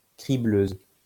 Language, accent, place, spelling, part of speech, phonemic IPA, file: French, France, Lyon, cribleuse, noun, /kʁi.bløz/, LL-Q150 (fra)-cribleuse.wav
- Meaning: female equivalent of cribleur